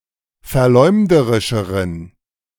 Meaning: inflection of verleumderisch: 1. strong genitive masculine/neuter singular comparative degree 2. weak/mixed genitive/dative all-gender singular comparative degree
- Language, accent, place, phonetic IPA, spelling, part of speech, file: German, Germany, Berlin, [fɛɐ̯ˈlɔɪ̯mdəʁɪʃəʁən], verleumderischeren, adjective, De-verleumderischeren.ogg